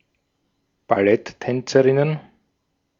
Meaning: plural of Balletttänzerin
- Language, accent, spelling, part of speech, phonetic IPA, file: German, Austria, Balletttänzerinnen, noun, [baˈlɛtˌtɛnt͡səʁɪnən], De-at-Balletttänzerinnen.ogg